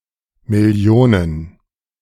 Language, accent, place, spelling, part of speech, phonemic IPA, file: German, Germany, Berlin, Millionen, noun, /mɪˈli̯oːnən/, De-Millionen2.ogg
- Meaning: plural of Million